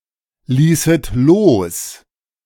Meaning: second-person plural subjunctive II of loslassen
- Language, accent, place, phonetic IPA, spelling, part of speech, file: German, Germany, Berlin, [ˌliːsət ˈloːs], ließet los, verb, De-ließet los.ogg